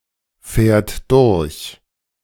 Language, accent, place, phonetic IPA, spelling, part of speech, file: German, Germany, Berlin, [ˌfɛːɐ̯t ˈdʊʁç], fährt durch, verb, De-fährt durch.ogg
- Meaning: third-person singular present of durchfahren